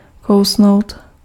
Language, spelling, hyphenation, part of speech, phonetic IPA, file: Czech, kousnout, kou‧s‧nout, verb, [ˈkou̯snou̯t], Cs-kousnout.ogg
- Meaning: to bite